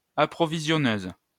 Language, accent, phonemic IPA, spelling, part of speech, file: French, France, /a.pʁɔ.vi.zjɔ.nøz/, approvisionneuse, noun, LL-Q150 (fra)-approvisionneuse.wav
- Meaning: female equivalent of approvisionneur